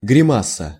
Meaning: grimace (a distortion of the countenance)
- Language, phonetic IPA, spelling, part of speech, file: Russian, [ɡrʲɪˈmasə], гримаса, noun, Ru-гримаса.ogg